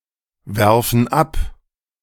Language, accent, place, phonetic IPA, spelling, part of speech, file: German, Germany, Berlin, [ˌvɛʁfn̩ ˈap], werfen ab, verb, De-werfen ab.ogg
- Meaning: inflection of abwerfen: 1. first/third-person plural present 2. first/third-person plural subjunctive I